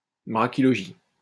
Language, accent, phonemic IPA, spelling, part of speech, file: French, France, /bʁa.ki.lɔ.ʒi/, brachylogie, noun, LL-Q150 (fra)-brachylogie.wav
- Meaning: brachylogy